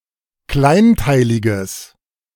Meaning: strong/mixed nominative/accusative neuter singular of kleinteilig
- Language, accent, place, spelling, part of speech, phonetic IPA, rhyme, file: German, Germany, Berlin, kleinteiliges, adjective, [ˈklaɪ̯nˌtaɪ̯lɪɡəs], -aɪ̯ntaɪ̯lɪɡəs, De-kleinteiliges.ogg